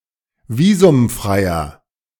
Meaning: inflection of visumfrei: 1. strong/mixed nominative masculine singular 2. strong genitive/dative feminine singular 3. strong genitive plural
- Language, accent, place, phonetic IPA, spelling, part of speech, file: German, Germany, Berlin, [ˈviːzʊmˌfʁaɪ̯ɐ], visumfreier, adjective, De-visumfreier.ogg